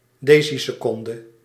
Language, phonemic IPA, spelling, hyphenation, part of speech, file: Dutch, /ˈdeː.si.səˌkɔn.də/, deciseconde, de‧ci‧se‧con‧de, noun, Nl-deciseconde.ogg
- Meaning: decisecond (one tenth of a second)